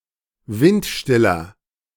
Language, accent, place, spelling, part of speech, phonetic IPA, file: German, Germany, Berlin, windstiller, adjective, [ˈvɪntˌʃtɪlɐ], De-windstiller.ogg
- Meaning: inflection of windstill: 1. strong/mixed nominative masculine singular 2. strong genitive/dative feminine singular 3. strong genitive plural